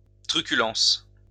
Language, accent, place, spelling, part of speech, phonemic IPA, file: French, France, Lyon, truculence, noun, /tʁy.ky.lɑ̃s/, LL-Q150 (fra)-truculence.wav
- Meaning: truculence (eagerness to fight)